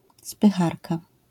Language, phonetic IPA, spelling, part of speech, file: Polish, [spɨˈxarka], spycharka, noun, LL-Q809 (pol)-spycharka.wav